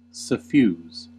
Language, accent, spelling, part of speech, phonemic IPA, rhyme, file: English, US, suffuse, verb / adjective, /səˈfjuːz/, -uːz, En-us-suffuse.ogg
- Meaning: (verb) 1. To spread through or over (something), especially as a liquid, colour or light; to bathe 2. To spread through or over in the manner of a liquid 3. To pour underneath